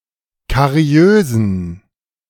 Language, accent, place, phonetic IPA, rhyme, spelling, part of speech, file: German, Germany, Berlin, [kaˈʁi̯øːzn̩], -øːzn̩, kariösen, adjective, De-kariösen.ogg
- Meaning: inflection of kariös: 1. strong genitive masculine/neuter singular 2. weak/mixed genitive/dative all-gender singular 3. strong/weak/mixed accusative masculine singular 4. strong dative plural